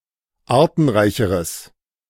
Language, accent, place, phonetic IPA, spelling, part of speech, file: German, Germany, Berlin, [ˈaːɐ̯tn̩ˌʁaɪ̯çəʁəs], artenreicheres, adjective, De-artenreicheres.ogg
- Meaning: strong/mixed nominative/accusative neuter singular comparative degree of artenreich